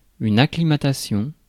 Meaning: acclimatization
- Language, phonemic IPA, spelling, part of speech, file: French, /a.kli.ma.ta.sjɔ̃/, acclimatation, noun, Fr-acclimatation.ogg